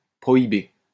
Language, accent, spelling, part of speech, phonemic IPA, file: French, France, prohiber, verb, /pʁɔ.i.be/, LL-Q150 (fra)-prohiber.wav
- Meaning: to prohibit (to proscribe)